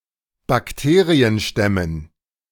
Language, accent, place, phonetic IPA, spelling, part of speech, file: German, Germany, Berlin, [bakˈteːʁiənˌʃtɛmən], Bakterienstämmen, noun, De-Bakterienstämmen.ogg
- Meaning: dative plural of Bakterienstamm